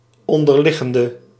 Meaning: inflection of onderliggend: 1. masculine/feminine singular attributive 2. definite neuter singular attributive 3. plural attributive
- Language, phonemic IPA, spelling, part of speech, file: Dutch, /ˈɔndərˌlɪɣəndə/, onderliggende, adjective / verb, Nl-onderliggende.ogg